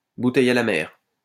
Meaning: 1. message in a bottle 2. desperate cry for help, SOS; hopeless attempt, last-ditch attempt
- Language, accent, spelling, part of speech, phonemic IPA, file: French, France, bouteille à la mer, noun, /bu.tɛj a la mɛʁ/, LL-Q150 (fra)-bouteille à la mer.wav